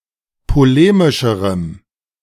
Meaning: strong dative masculine/neuter singular comparative degree of polemisch
- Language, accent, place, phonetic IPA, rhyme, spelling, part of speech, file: German, Germany, Berlin, [poˈleːmɪʃəʁəm], -eːmɪʃəʁəm, polemischerem, adjective, De-polemischerem.ogg